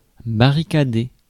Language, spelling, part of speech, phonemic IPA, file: French, barricader, verb, /ba.ʁi.ka.de/, Fr-barricader.ogg
- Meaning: to barricade